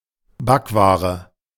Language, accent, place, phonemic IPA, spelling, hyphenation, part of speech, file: German, Germany, Berlin, /ˈbakˌvaːʁə/, Backware, Back‧wa‧re, noun, De-Backware.ogg
- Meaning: pastries, baked goods